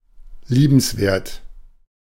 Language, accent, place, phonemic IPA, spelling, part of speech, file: German, Germany, Berlin, /ˈliːbn̩sˌveːɐ̯t/, liebenswert, adjective, De-liebenswert.ogg
- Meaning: likable, amiable